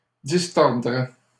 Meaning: first/second-person singular conditional of distordre
- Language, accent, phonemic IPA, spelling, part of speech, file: French, Canada, /dis.tɔʁ.dʁɛ/, distordrais, verb, LL-Q150 (fra)-distordrais.wav